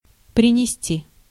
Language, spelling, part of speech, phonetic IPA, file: Russian, принести, verb, [prʲɪnʲɪˈsʲtʲi], Ru-принести.ogg
- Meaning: 1. to bring (by foot), to fetch (transitive) to transport toward someone/somewhere) 2. to yield, to bear 3. to offer (apologies, thanks, etc.)